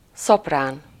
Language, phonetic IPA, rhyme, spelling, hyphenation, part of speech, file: Hungarian, [ˈsopraːn], -aːn, szoprán, szop‧rán, noun, Hu-szoprán.ogg
- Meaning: soprano